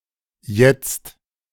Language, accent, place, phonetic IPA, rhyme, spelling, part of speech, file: German, Germany, Berlin, [jɛt͡st], -ɛt͡st, Jetzt, noun, De-Jetzt.ogg
- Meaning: the present; now